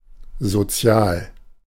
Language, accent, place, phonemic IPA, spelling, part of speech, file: German, Germany, Berlin, /zoˈtsi̯aːl/, sozial, adjective, De-sozial.ogg
- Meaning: social